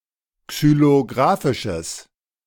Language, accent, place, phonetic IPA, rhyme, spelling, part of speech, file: German, Germany, Berlin, [ksyloˈɡʁaːfɪʃəs], -aːfɪʃəs, xylografisches, adjective, De-xylografisches.ogg
- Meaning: strong/mixed nominative/accusative neuter singular of xylografisch